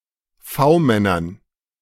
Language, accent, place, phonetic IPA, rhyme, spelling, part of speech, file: German, Germany, Berlin, [ˈfaʊ̯ˌmɛnɐn], -aʊ̯mɛnɐn, V-Männern, noun, De-V-Männern.ogg
- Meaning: dative plural of V-Mann